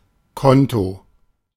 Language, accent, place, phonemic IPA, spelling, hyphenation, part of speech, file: German, Germany, Berlin, /ˈkɔnto/, Konto, Kon‧to, noun, De-Konto.ogg
- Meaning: 1. account 2. bank account